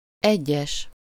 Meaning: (adjective) 1. individual, single 2. number one 3. singular (referring to only one thing or person) 4. certain, some
- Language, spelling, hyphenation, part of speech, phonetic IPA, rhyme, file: Hungarian, egyes, egyes, adjective / noun, [ˈɛɟːɛʃ], -ɛʃ, Hu-egyes.ogg